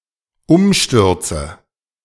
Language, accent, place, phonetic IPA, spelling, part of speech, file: German, Germany, Berlin, [ˈʊmˌʃtʏʁt͡sə], Umstürze, noun, De-Umstürze.ogg
- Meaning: nominative/accusative/genitive plural of Umsturz